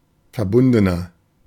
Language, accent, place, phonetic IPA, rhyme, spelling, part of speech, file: German, Germany, Berlin, [fɛɐ̯ˈbʊndənɐ], -ʊndənɐ, verbundener, adjective, De-verbundener.ogg
- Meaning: 1. comparative degree of verbunden 2. inflection of verbunden: strong/mixed nominative masculine singular 3. inflection of verbunden: strong genitive/dative feminine singular